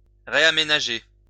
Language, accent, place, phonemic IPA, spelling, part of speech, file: French, France, Lyon, /ʁe.a.me.na.ʒe/, réaménager, verb, LL-Q150 (fra)-réaménager.wav
- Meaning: to change a layout